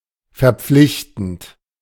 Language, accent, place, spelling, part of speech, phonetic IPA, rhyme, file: German, Germany, Berlin, verpflichtend, verb, [fɛɐ̯ˈp͡flɪçtn̩t], -ɪçtn̩t, De-verpflichtend.ogg
- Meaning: present participle of verpflichten